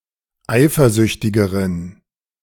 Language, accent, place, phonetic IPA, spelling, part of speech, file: German, Germany, Berlin, [ˈaɪ̯fɐˌzʏçtɪɡəʁən], eifersüchtigeren, adjective, De-eifersüchtigeren.ogg
- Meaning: inflection of eifersüchtig: 1. strong genitive masculine/neuter singular comparative degree 2. weak/mixed genitive/dative all-gender singular comparative degree